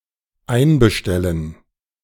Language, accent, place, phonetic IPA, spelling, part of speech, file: German, Germany, Berlin, [ˈaɪ̯nbəˌʃtɛlən], einbestellen, verb, De-einbestellen.ogg
- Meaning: to summon